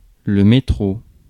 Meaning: 1. metro; subway (US), underground (UK), Tube (UK) 2. clipping of métropole (“metropolis”) 3. resident or native of metropolitan France
- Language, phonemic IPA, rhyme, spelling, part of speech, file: French, /me.tʁo/, -o, métro, noun, Fr-métro.ogg